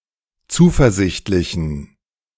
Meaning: inflection of zuversichtlich: 1. strong genitive masculine/neuter singular 2. weak/mixed genitive/dative all-gender singular 3. strong/weak/mixed accusative masculine singular 4. strong dative plural
- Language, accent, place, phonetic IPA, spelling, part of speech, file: German, Germany, Berlin, [ˈt͡suːfɛɐ̯ˌzɪçtlɪçn̩], zuversichtlichen, adjective, De-zuversichtlichen.ogg